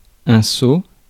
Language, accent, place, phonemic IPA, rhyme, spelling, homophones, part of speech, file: French, France, Paris, /so/, -so, seau, saut / sauts / sceau / sceaux / sot, noun, Fr-seau.ogg
- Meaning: pail, bucket